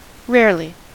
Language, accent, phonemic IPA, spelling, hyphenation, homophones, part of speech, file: English, US, /ˈɹɛəɹli/, rarely, rare‧ly, really, adverb, En-us-rarely.ogg
- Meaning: 1. Not occurring at a regular interval; seldom; not often 2. Unusually well; excellently 3. To a rare degree; very